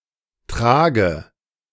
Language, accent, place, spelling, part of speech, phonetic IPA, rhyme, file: German, Germany, Berlin, trage, verb, [ˈtʁaːɡə], -aːɡə, De-trage.ogg
- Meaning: inflection of tragen: 1. first-person singular present 2. first/third-person singular subjunctive I 3. singular imperative